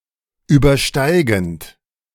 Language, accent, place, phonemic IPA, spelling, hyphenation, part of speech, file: German, Germany, Berlin, /ˌyːbɐˈʃtaɪ̯ɡn̩t/, übersteigend, über‧stei‧gend, verb / adjective, De-übersteigend.ogg
- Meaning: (verb) present participle of übersteigen; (adjective) exceeding, transcending